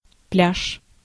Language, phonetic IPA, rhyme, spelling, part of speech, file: Russian, [plʲaʂ], -aʂ, пляж, noun, Ru-пляж.ogg
- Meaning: beach